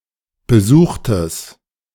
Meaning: strong/mixed nominative/accusative neuter singular of besucht
- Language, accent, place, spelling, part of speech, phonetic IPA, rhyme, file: German, Germany, Berlin, besuchtes, adjective, [bəˈzuːxtəs], -uːxtəs, De-besuchtes.ogg